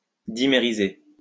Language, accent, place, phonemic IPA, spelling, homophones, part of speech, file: French, France, Lyon, /di.me.ʁi.ze/, dimériser, dimérisai / dimérisé / dimérisée / dimérisées / dimérisés / dimérisez, verb, LL-Q150 (fra)-dimériser.wav
- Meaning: to dimerize / dimerise